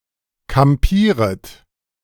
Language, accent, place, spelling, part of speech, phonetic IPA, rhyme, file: German, Germany, Berlin, kampieret, verb, [kamˈpiːʁət], -iːʁət, De-kampieret.ogg
- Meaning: second-person plural subjunctive I of kampieren